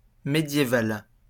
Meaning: medieval (relating to the Middle Ages)
- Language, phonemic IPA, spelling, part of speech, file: French, /me.dje.val/, médiéval, adjective, LL-Q150 (fra)-médiéval.wav